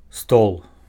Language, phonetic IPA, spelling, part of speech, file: Belarusian, [stoɫ], стол, noun, Be-стол.ogg
- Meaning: 1. table (furniture with a flat top surface to accommodate a variety of uses) 2. infodesk, bureau (an organization or office for collecting or providing information)